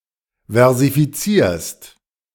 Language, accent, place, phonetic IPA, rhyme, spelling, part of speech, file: German, Germany, Berlin, [vɛʁzifiˈt͡siːɐ̯st], -iːɐ̯st, versifizierst, verb, De-versifizierst.ogg
- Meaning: second-person singular present of versifizieren